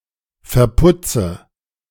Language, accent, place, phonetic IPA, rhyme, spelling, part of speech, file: German, Germany, Berlin, [fɛɐ̯ˈpʊt͡sə], -ʊt͡sə, verputze, verb, De-verputze.ogg
- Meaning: inflection of verputzen: 1. first-person singular present 2. first/third-person singular subjunctive I 3. singular imperative